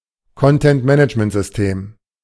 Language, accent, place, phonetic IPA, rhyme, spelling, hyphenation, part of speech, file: German, Germany, Berlin, [kɔntɛntˈmɛnɪt͡ʃməntzʏsˈteːm], -eːm, Content-Management-System, Con‧tent-Ma‧nage‧ment-Sys‧tem, noun, De-Content-Management-System.ogg
- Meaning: content management system